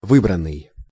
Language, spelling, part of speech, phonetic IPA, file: Russian, выбранный, verb / adjective, [ˈvɨbrən(ː)ɨj], Ru-выбранный.ogg
- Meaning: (verb) past passive perfective participle of вы́брать (výbratʹ); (adjective) chosen, selected, hand-picked